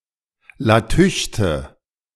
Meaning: lamp, lantern, luminous object
- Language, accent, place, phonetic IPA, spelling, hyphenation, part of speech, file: German, Germany, Berlin, [laˈtʰʏçtə], Latüchte, La‧tüch‧te, noun, De-Latüchte.ogg